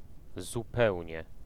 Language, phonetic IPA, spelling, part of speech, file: Polish, [zuˈpɛwʲɲɛ], zupełnie, adverb, Pl-zupełnie.ogg